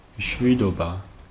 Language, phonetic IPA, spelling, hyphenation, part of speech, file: Georgian, [mʃʷido̞bä], მშვიდობა, მშვი‧დო‧ბა, noun, Ka-მშვიდობა.ogg
- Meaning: peace